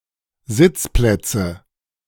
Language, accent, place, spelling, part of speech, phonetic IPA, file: German, Germany, Berlin, Sitzplätze, noun, [ˈzɪt͡sˌplɛt͡sə], De-Sitzplätze.ogg
- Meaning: nominative/accusative/genitive plural of Sitzplatz